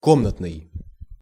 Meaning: 1. room 2. indoor (situated in, or designed to be used in, or carried on within the interior of a building)
- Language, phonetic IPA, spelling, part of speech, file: Russian, [ˈkomnətnɨj], комнатный, adjective, Ru-комнатный.ogg